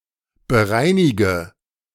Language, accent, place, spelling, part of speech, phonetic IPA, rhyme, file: German, Germany, Berlin, bereinige, verb, [bəˈʁaɪ̯nɪɡə], -aɪ̯nɪɡə, De-bereinige.ogg
- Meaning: inflection of bereinigen: 1. first-person singular present 2. first/third-person singular subjunctive I 3. singular imperative